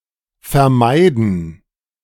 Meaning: to avoid (something happening, doing something)
- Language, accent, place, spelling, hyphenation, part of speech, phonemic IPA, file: German, Germany, Berlin, vermeiden, ver‧mei‧den, verb, /fɛɐ̯ˈmaɪ̯dən/, De-vermeiden2.ogg